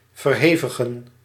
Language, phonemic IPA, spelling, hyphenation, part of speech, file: Dutch, /vərˈɦeː.və.ɣə(n)/, verhevigen, ver‧he‧vi‧gen, verb, Nl-verhevigen.ogg
- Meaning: to intensify